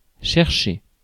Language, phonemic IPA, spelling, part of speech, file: French, /ʃɛʁ.ʃe/, chercher, verb, Fr-chercher.ogg
- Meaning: 1. to look for, to seek 2. to look (to do something) 3. to mess with someone, ask for trouble 4. to pick up, to go and get 5. to get to know oneself 6. to seek for each other